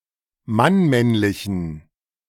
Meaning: inflection of mannmännlich: 1. strong genitive masculine/neuter singular 2. weak/mixed genitive/dative all-gender singular 3. strong/weak/mixed accusative masculine singular 4. strong dative plural
- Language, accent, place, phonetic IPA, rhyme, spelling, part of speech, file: German, Germany, Berlin, [manˈmɛnlɪçn̩], -ɛnlɪçn̩, mannmännlichen, adjective, De-mannmännlichen.ogg